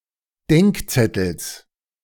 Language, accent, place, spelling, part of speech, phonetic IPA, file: German, Germany, Berlin, Denkzettels, noun, [ˈdɛŋkˌt͡sɛtl̩s], De-Denkzettels.ogg
- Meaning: genitive singular of Denkzettel